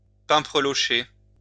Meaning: to style hair in a ridiculous manner
- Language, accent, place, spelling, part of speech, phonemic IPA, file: French, France, Lyon, pimprelocher, verb, /pɛ̃.pʁə.lɔ.ʃe/, LL-Q150 (fra)-pimprelocher.wav